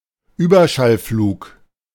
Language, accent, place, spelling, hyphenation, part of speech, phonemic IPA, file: German, Germany, Berlin, Überschallflug, Über‧schall‧flug, noun, /ˈyːbɐʃalˌfluːk/, De-Überschallflug.ogg
- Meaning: supersonic flight